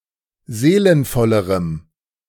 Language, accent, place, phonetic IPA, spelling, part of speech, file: German, Germany, Berlin, [ˈzeːlənfɔləʁəm], seelenvollerem, adjective, De-seelenvollerem.ogg
- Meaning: strong dative masculine/neuter singular comparative degree of seelenvoll